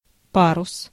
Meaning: sail
- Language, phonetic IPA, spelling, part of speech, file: Russian, [ˈparʊs], парус, noun, Ru-парус.ogg